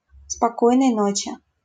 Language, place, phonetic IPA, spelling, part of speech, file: Russian, Saint Petersburg, [spɐˌkojnəj ˈnot͡ɕɪ], спокойной ночи, interjection, LL-Q7737 (rus)-спокойной ночи.wav
- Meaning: good night